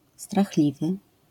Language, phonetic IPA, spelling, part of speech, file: Polish, [straxˈlʲivɨ], strachliwy, adjective, LL-Q809 (pol)-strachliwy.wav